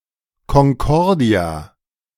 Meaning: 1. harmony 2. concordia
- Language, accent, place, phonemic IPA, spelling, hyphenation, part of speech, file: German, Germany, Berlin, /kɔŋˈkɔʁdi̯a/, Konkordia, Kon‧kor‧dia, noun, De-Konkordia.ogg